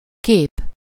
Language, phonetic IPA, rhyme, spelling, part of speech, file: Hungarian, [ˈkeːp], -eːp, kép, noun, Hu-kép.ogg
- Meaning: 1. manner, way, method 2. form, shape, appearance 3. similarity, likeness, lookalike 4. symbol, representative 5. picture, image 6. photo 7. painting 8. face